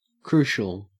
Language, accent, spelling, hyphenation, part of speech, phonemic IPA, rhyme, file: English, Australia, crucial, cru‧cial, adjective, /ˈkɹuː.ʃəl/, -uːʃəl, En-au-crucial.ogg
- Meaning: 1. Essential or decisive for determining the outcome or future of something; extremely important; vital 2. Cruciform or cruciate; cross-shaped